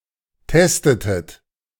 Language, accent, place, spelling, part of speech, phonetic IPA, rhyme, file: German, Germany, Berlin, testetet, verb, [ˈtɛstətət], -ɛstətət, De-testetet.ogg
- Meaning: inflection of testen: 1. second-person plural preterite 2. second-person plural subjunctive II